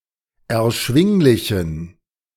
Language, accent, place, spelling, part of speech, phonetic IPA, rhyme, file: German, Germany, Berlin, erschwinglichen, adjective, [ɛɐ̯ˈʃvɪŋlɪçn̩], -ɪŋlɪçn̩, De-erschwinglichen.ogg
- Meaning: inflection of erschwinglich: 1. strong genitive masculine/neuter singular 2. weak/mixed genitive/dative all-gender singular 3. strong/weak/mixed accusative masculine singular 4. strong dative plural